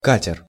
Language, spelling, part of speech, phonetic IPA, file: Russian, катер, noun, [ˈkatʲɪr], Ru-катер.ogg
- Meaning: 1. motorboat, boat (with an inboard engine) 2. cutter